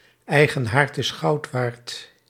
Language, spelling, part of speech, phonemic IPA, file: Dutch, eigen haard is goud waard, proverb, /ˈɛi̯.ɣə(n)ˈɦaːrt ɪs ˈxɑu̯t ˌʋaːrt/, Nl-eigen haard is goud waard.ogg
- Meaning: 1. home is where the heart is 2. my home is my castle